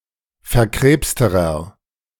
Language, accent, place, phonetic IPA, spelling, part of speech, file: German, Germany, Berlin, [fɛɐ̯ˈkʁeːpstəʁɐ], verkrebsterer, adjective, De-verkrebsterer.ogg
- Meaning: inflection of verkrebst: 1. strong/mixed nominative masculine singular comparative degree 2. strong genitive/dative feminine singular comparative degree 3. strong genitive plural comparative degree